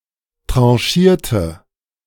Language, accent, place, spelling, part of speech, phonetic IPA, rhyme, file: German, Germany, Berlin, tranchierte, adjective / verb, [ˌtʁɑ̃ˈʃiːɐ̯tə], -iːɐ̯tə, De-tranchierte.ogg
- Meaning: inflection of tranchieren: 1. first/third-person singular preterite 2. first/third-person singular subjunctive II